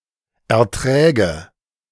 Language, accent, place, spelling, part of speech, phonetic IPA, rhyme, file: German, Germany, Berlin, Erträge, noun, [ɛɐ̯ˈtʁɛːɡə], -ɛːɡə, De-Erträge.ogg
- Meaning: nominative/accusative/genitive plural of Ertrag